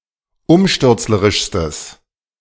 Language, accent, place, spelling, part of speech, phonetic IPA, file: German, Germany, Berlin, umstürzlerischstes, adjective, [ˈʊmʃtʏʁt͡sləʁɪʃstəs], De-umstürzlerischstes.ogg
- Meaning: strong/mixed nominative/accusative neuter singular superlative degree of umstürzlerisch